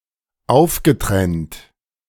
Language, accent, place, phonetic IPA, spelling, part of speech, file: German, Germany, Berlin, [ˈaʊ̯fɡəˌtʁɛnt], aufgetrennt, verb, De-aufgetrennt.ogg
- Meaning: past participle of auftrennen